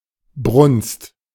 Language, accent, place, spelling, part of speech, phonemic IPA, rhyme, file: German, Germany, Berlin, Brunst, noun, /brʊnst/, -ʊnst, De-Brunst.ogg
- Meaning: 1. heat, rut (sexual excitement of animals) 2. sexual arousal